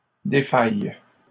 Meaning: inflection of défaillir: 1. first/third-person singular present indicative/subjunctive 2. second-person singular imperative
- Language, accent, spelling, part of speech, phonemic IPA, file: French, Canada, défaille, verb, /de.faj/, LL-Q150 (fra)-défaille.wav